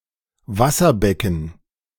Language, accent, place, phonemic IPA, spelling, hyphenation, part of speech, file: German, Germany, Berlin, /ˈvasɐˌbɛkn̩/, Wasserbecken, Was‧ser‧be‧cken, noun, De-Wasserbecken.ogg
- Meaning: tank, water basin